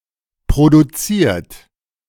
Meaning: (verb) past participle of produzieren; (adjective) produced; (verb) inflection of produzieren: 1. third-person singular present 2. second-person plural present 3. plural imperative
- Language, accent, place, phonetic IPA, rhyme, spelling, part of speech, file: German, Germany, Berlin, [pʁoduˈt͡siːɐ̯t], -iːɐ̯t, produziert, verb, De-produziert.ogg